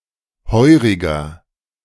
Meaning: inflection of heurig: 1. strong/mixed nominative masculine singular 2. strong genitive/dative feminine singular 3. strong genitive plural
- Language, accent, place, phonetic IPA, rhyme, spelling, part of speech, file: German, Germany, Berlin, [ˈhɔɪ̯ʁɪɡɐ], -ɔɪ̯ʁɪɡɐ, heuriger, adjective, De-heuriger.ogg